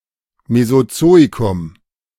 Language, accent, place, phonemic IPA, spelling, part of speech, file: German, Germany, Berlin, /mezoˈtsoːikʊm/, Mesozoikum, proper noun, De-Mesozoikum.ogg
- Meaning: the Mesozoic